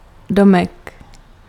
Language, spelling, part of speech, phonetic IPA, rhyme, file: Czech, domek, noun, [ˈdomɛk], -omɛk, Cs-domek.ogg
- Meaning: diminutive of dům